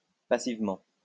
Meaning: passively
- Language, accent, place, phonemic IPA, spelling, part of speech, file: French, France, Lyon, /pa.siv.mɑ̃/, passivement, adverb, LL-Q150 (fra)-passivement.wav